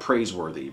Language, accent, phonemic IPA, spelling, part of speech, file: English, US, /ˈpɹeɪz.wɝ.ði/, praiseworthy, adjective, En-us-praiseworthy.ogg
- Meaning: Meriting praise; worthy of high praise